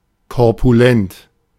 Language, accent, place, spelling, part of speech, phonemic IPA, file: German, Germany, Berlin, korpulent, adjective, /kɔʁpuˈlɛnt/, De-korpulent.ogg
- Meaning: corpulent